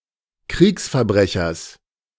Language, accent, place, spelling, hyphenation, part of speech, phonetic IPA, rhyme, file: German, Germany, Berlin, Kriegsverbrechers, Kriegs‧ver‧bre‧chers, noun, [ˈˈkʁiːksfɛɐ̯ˌbʁɛçɐs], -ɛçɐs, De-Kriegsverbrechers.ogg
- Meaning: genitive singular of Kriegsverbrecher